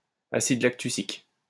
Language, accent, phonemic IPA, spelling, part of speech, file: French, France, /a.sid lak.ty.sik/, acide lactucique, noun, LL-Q150 (fra)-acide lactucique.wav
- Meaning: lactucic acid